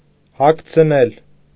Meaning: 1. causative of հագնել (hagnel) 2. causative of հագնել (hagnel): to dress, clothe 3. to insert, put in
- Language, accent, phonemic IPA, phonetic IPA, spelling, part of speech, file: Armenian, Eastern Armenian, /hɑkʰt͡sʰ(ə)ˈnel/, [hɑkʰt͡sʰ(ə)nél], հագցնել, verb, Hy-հագցնել.ogg